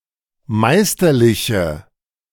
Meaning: inflection of meisterlich: 1. strong/mixed nominative/accusative feminine singular 2. strong nominative/accusative plural 3. weak nominative all-gender singular
- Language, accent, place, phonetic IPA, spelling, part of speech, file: German, Germany, Berlin, [ˈmaɪ̯stɐˌlɪçə], meisterliche, adjective, De-meisterliche.ogg